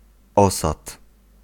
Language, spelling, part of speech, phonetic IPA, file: Polish, osad, noun, [ˈɔsat], Pl-osad.ogg